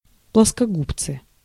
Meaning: pliers
- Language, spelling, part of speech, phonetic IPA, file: Russian, плоскогубцы, noun, [pɫəskɐˈɡupt͡sɨ], Ru-плоскогубцы.ogg